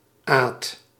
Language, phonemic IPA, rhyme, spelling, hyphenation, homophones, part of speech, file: Dutch, /aːt/, -aːt, Aad, Aad, aad, proper noun, Nl-Aad.ogg
- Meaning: 1. a diminutive of the male given name Adriaan 2. a diminutive of the female given name Adriana